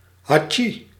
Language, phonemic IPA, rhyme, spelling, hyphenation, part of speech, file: Dutch, /ɦɑˈtʃi/, -i, hatsjie, ha‧tsjie, interjection, Nl-hatsjie.ogg
- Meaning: achoo (representation of a sneeze)